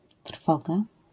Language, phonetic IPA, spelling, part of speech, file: Polish, [ˈtr̥fɔɡa], trwoga, noun, LL-Q809 (pol)-trwoga.wav